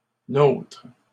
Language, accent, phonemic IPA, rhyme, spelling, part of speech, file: French, Canada, /notʁ/, -otʁ, nôtre, determiner, LL-Q150 (fra)-nôtre.wav
- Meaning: our; ours